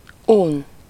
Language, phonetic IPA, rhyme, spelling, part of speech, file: Hungarian, [ˈun], -un, un, verb, Hu-un.ogg
- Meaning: to be bored of, to be fed up with, to be tired of